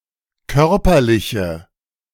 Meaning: inflection of körperlich: 1. strong/mixed nominative/accusative feminine singular 2. strong nominative/accusative plural 3. weak nominative all-gender singular
- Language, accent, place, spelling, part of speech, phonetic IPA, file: German, Germany, Berlin, körperliche, adjective, [ˈkœʁpɐlɪçə], De-körperliche.ogg